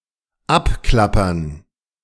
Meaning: to go down the list, to canvass, to trawl (to visit locations of interest from a list, systematically and often only briefly)
- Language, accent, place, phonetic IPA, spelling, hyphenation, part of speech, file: German, Germany, Berlin, [ˈapˌklapɐn], abklappern, ab‧klap‧pern, verb, De-abklappern.ogg